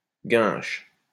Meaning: inflection of guincher: 1. first/third-person singular present indicative/subjunctive 2. second-person singular imperative
- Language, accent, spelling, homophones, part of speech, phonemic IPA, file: French, France, guinche, guinchent / guinches, verb, /ɡɛ̃ʃ/, LL-Q150 (fra)-guinche.wav